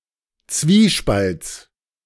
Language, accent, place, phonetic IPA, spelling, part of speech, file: German, Germany, Berlin, [ˈt͡sviːˌʃpalt͡s], Zwiespalts, noun, De-Zwiespalts.ogg
- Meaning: genitive of Zwiespalt